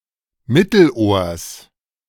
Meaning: genitive singular of Mittelohr
- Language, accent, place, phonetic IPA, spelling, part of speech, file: German, Germany, Berlin, [ˈmɪtl̩ʔoːɐ̯s], Mittelohrs, noun, De-Mittelohrs.ogg